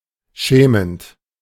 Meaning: present participle of schämen
- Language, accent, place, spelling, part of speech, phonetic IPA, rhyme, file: German, Germany, Berlin, schämend, verb, [ˈʃɛːmənt], -ɛːmənt, De-schämend.ogg